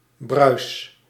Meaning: inflection of bruisen: 1. first-person singular present indicative 2. second-person singular present indicative 3. imperative
- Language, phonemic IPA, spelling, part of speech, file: Dutch, /brœys/, bruis, noun / verb, Nl-bruis.ogg